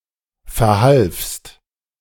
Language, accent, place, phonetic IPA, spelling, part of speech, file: German, Germany, Berlin, [fɛɐ̯ˈhalfst], verhalfst, verb, De-verhalfst.ogg
- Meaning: second-person singular preterite of verhelfen